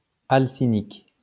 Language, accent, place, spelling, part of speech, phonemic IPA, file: French, France, Lyon, alcynique, adjective, /al.si.nik/, LL-Q150 (fra)-alcynique.wav
- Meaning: alkynyl